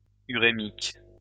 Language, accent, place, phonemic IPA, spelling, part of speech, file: French, France, Lyon, /y.ʁe.mik/, urémique, adjective, LL-Q150 (fra)-urémique.wav
- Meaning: uremic